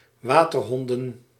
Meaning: plural of waterhond
- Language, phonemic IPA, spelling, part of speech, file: Dutch, /ˈʋaːtərɦɔndə(n)/, waterhonden, noun, Nl-waterhonden.ogg